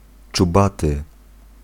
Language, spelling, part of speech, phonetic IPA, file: Polish, czubaty, adjective, [t͡ʃuˈbatɨ], Pl-czubaty.ogg